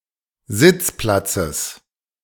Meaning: genitive of Sitzplatz
- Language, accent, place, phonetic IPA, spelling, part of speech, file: German, Germany, Berlin, [ˈzɪt͡sˌplat͡səs], Sitzplatzes, noun, De-Sitzplatzes.ogg